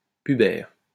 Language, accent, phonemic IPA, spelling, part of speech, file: French, France, /py.bɛʁ/, pubère, adjective, LL-Q150 (fra)-pubère.wav
- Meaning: pubescent